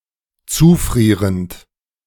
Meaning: present participle of zufrieren
- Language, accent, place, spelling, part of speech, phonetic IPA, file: German, Germany, Berlin, zufrierend, verb, [ˈt͡suːˌfʁiːʁənt], De-zufrierend.ogg